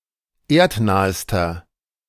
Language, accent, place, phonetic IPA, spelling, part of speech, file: German, Germany, Berlin, [ˈeːɐ̯tˌnaːəstɐ], erdnahester, adjective, De-erdnahester.ogg
- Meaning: inflection of erdnah: 1. strong/mixed nominative masculine singular superlative degree 2. strong genitive/dative feminine singular superlative degree 3. strong genitive plural superlative degree